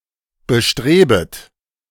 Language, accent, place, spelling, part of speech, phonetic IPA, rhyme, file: German, Germany, Berlin, bestrebet, verb, [bəˈʃtʁeːbət], -eːbət, De-bestrebet.ogg
- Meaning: second-person plural subjunctive I of bestreben